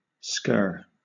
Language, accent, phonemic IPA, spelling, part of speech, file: English, Southern England, /skɜː/, scur, noun / verb, LL-Q1860 (eng)-scur.wav
- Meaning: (noun) A distorted horn, regrown after the disbudding operation of a goat, sheep, or cow; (verb) To move hastily; to scour